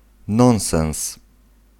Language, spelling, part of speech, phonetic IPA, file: Polish, nonsens, noun, [ˈnɔ̃w̃sɛ̃w̃s], Pl-nonsens.ogg